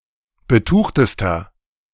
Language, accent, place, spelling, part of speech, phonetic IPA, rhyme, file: German, Germany, Berlin, betuchtester, adjective, [bəˈtuːxtəstɐ], -uːxtəstɐ, De-betuchtester.ogg
- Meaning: inflection of betucht: 1. strong/mixed nominative masculine singular superlative degree 2. strong genitive/dative feminine singular superlative degree 3. strong genitive plural superlative degree